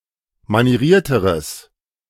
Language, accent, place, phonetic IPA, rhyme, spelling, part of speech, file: German, Germany, Berlin, [maniˈʁiːɐ̯təʁəs], -iːɐ̯təʁəs, manierierteres, adjective, De-manierierteres.ogg
- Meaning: strong/mixed nominative/accusative neuter singular comparative degree of manieriert